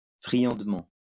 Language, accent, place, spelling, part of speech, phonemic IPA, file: French, France, Lyon, friandement, adverb, /fʁi.jɑ̃d.mɑ̃/, LL-Q150 (fra)-friandement.wav
- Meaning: deliciously, tastily